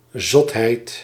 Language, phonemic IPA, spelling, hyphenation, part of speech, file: Dutch, /ˈzɔt.ɦɛi̯t/, zotheid, zot‧heid, noun, Nl-zotheid.ogg
- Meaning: folly